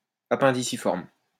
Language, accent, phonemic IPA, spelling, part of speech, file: French, France, /a.pɛ̃.di.si.fɔʁm/, appendiciforme, adjective, LL-Q150 (fra)-appendiciforme.wav
- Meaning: appendiciform